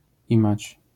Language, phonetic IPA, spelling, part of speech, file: Polish, [ˈĩmat͡ɕ], imać, verb, LL-Q809 (pol)-imać.wav